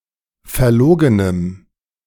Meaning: strong dative masculine/neuter singular of verlogen
- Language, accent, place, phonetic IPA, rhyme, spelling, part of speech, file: German, Germany, Berlin, [fɛɐ̯ˈloːɡənəm], -oːɡənəm, verlogenem, adjective, De-verlogenem.ogg